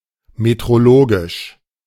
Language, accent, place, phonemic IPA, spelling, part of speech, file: German, Germany, Berlin, /metʁoˈloːɡɪʃ/, metrologisch, adjective, De-metrologisch.ogg
- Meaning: metrological